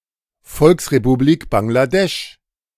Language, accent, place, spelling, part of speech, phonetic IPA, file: German, Germany, Berlin, Volksrepublik Bangladesch, phrase, [ˈfɔlksʁepuˌbliːk baŋɡlaˈdɛʃ], De-Volksrepublik Bangladesch.ogg
- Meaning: People's Republic of Bangladesh (official name of Bangladesh: a country in South Asia)